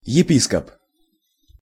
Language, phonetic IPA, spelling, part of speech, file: Russian, [(j)ɪˈpʲiskəp], епископ, noun, Ru-епископ.ogg
- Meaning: bishop